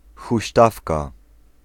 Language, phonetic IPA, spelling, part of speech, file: Polish, [xuɕˈtafka], huśtawka, noun, Pl-huśtawka.ogg